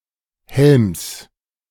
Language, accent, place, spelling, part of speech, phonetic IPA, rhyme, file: German, Germany, Berlin, Helms, noun, [hɛlms], -ɛlms, De-Helms.ogg
- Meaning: genitive singular of Helm